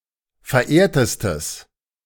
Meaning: strong/mixed nominative/accusative neuter singular superlative degree of verehrt
- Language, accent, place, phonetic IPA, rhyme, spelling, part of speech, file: German, Germany, Berlin, [fɛɐ̯ˈʔeːɐ̯təstəs], -eːɐ̯təstəs, verehrtestes, adjective, De-verehrtestes.ogg